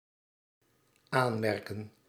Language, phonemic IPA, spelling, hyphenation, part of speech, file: Dutch, /ˈaːnˌmɛr.kə(n)/, aanmerken, aan‧mer‧ken, verb, Nl-aanmerken.ogg
- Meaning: 1. to comment, to remark (usually suggesting criticism) 2. to label, to denote (to categorise by naming) 3. to note, to take notice